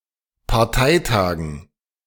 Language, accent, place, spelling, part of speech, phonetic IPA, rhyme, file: German, Germany, Berlin, Parteitagen, noun, [paʁˈtaɪ̯ˌtaːɡn̩], -aɪ̯taːɡn̩, De-Parteitagen.ogg
- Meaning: dative plural of Parteitag